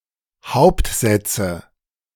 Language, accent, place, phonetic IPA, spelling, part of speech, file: German, Germany, Berlin, [ˈhaʊ̯ptˌzɛt͡sə], Hauptsätze, noun, De-Hauptsätze.ogg
- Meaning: nominative/accusative/genitive plural of Hauptsatz